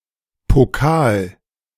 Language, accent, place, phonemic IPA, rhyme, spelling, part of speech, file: German, Germany, Berlin, /poˈkaːl/, -aːl, Pokal, noun, De-Pokal.ogg
- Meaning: 1. goblet, chalice 2. cup, trophy